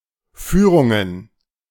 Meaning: plural of Führung
- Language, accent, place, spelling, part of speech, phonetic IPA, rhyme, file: German, Germany, Berlin, Führungen, noun, [ˈfyːʁʊŋən], -yːʁʊŋən, De-Führungen.ogg